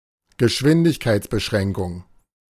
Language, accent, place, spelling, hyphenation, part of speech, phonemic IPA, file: German, Germany, Berlin, Geschwindigkeitsbeschränkung, Ge‧schwin‧dig‧keits‧be‧schrän‧kung, noun, /ɡəˈʃvɪndɪçkaɪ̯t͡sbəˌʃʁɛŋkʊŋ/, De-Geschwindigkeitsbeschränkung.ogg
- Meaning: speed limit